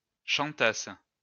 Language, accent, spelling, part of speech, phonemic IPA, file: French, France, chantasse, verb, /ʃɑ̃.tas/, LL-Q150 (fra)-chantasse.wav
- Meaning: first-person singular imperfect subjunctive of chanter